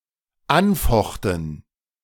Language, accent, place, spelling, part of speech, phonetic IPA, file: German, Germany, Berlin, anfochten, verb, [ˈanˌfɔxtn̩], De-anfochten.ogg
- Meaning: first/third-person plural dependent preterite of anfechten